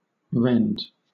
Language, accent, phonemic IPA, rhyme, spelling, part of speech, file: English, Southern England, /ɹɛnd/, -ɛnd, rend, verb / noun, LL-Q1860 (eng)-rend.wav
- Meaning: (verb) 1. To separate into parts with force or sudden violence; to split; to burst 2. To violently disturb the peace of; to throw into chaos